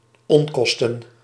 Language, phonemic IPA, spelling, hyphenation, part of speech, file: Dutch, /ˈɔŋˌkɔs.tən/, onkosten, on‧kos‧ten, noun, Nl-onkosten.ogg
- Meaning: plural of onkost